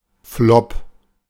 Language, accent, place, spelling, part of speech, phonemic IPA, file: German, Germany, Berlin, Flop, noun, /ˈflɔp/, De-Flop.ogg
- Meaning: flop (failure, especially in the entertainment industry)